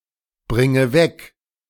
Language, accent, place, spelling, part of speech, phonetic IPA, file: German, Germany, Berlin, bringe weg, verb, [ˌbʁɪŋə ˈvɛk], De-bringe weg.ogg
- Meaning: inflection of wegbringen: 1. first-person singular present 2. first/third-person singular subjunctive I 3. singular imperative